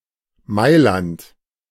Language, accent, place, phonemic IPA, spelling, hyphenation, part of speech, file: German, Germany, Berlin, /ˈmaɪ̯lant/, Mailand, Mai‧land, proper noun, De-Mailand.ogg
- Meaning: Milan (a city and comune, the capital of the Metropolitan City of Milan and the region of Lombardy, Italy)